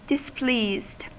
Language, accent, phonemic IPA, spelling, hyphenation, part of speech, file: English, US, /dɪsˈpliːzd/, displeased, dis‧pleased, adjective / verb, En-us-displeased.ogg
- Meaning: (adjective) Not pleased or happy with something; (verb) simple past and past participle of displease